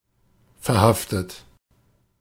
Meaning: 1. past participle of verhaften 2. inflection of verhaften: third-person singular present 3. inflection of verhaften: second-person plural present 4. inflection of verhaften: plural imperative
- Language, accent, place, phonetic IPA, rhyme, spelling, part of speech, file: German, Germany, Berlin, [fɛɐ̯ˈhaftət], -aftət, verhaftet, verb, De-verhaftet.ogg